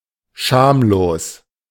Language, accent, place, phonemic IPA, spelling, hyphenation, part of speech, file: German, Germany, Berlin, /ˈʃaːmloːs/, schamlos, scham‧los, adjective, De-schamlos.ogg
- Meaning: 1. shameless (having no shame), indecent 2. brazen (impudent, immodest, or shameless), barefaced